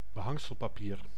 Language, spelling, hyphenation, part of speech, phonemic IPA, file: Dutch, behangselpapier, be‧hang‧sel‧pa‧pier, noun, /bəˈɦɑŋ.səl.paːˌpiːr/, Nl-behangselpapier.ogg
- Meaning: wallpaper (decorative paper to hang on walls)